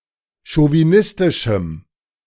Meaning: strong dative masculine/neuter singular of chauvinistisch
- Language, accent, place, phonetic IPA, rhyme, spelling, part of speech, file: German, Germany, Berlin, [ʃoviˈnɪstɪʃm̩], -ɪstɪʃm̩, chauvinistischem, adjective, De-chauvinistischem.ogg